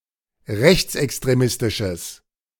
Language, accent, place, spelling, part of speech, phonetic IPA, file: German, Germany, Berlin, rechtsextremistisches, adjective, [ˈʁɛçt͡sʔɛkstʁeˌmɪstɪʃəs], De-rechtsextremistisches.ogg
- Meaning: strong/mixed nominative/accusative neuter singular of rechtsextremistisch